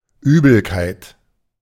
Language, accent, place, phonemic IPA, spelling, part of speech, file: German, Germany, Berlin, /ˈyːbəlkaɪ̯t/, Übelkeit, noun, De-Übelkeit.ogg
- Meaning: nausea (feeling of physical unwellness, usually with the desire to vomit)